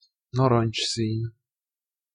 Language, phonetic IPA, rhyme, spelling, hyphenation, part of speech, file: Hungarian, [ˈnɒrɒnt͡ʃsiːn], -iːn, narancsszín, na‧rancs‧szín, adjective, Hu-narancsszín.ogg
- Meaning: orange (color)